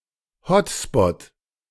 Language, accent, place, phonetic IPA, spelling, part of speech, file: German, Germany, Berlin, [ˈhɔtspɔt], Hotspot, noun, De-Hotspot.ogg
- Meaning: 1. hot spot 2. a place in which devices connect to Wi-Fi